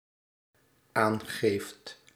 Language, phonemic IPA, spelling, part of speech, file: Dutch, /ˈaŋɣeft/, aangeeft, verb, Nl-aangeeft.ogg
- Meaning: second/third-person singular dependent-clause present indicative of aangeven